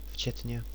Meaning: including
- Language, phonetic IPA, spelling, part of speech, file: Czech, [ˈft͡ʃɛtɲɛ], včetně, preposition, Cs-včetně.ogg